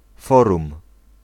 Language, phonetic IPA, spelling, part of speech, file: Polish, [ˈfɔrũm], forum, noun, Pl-forum.ogg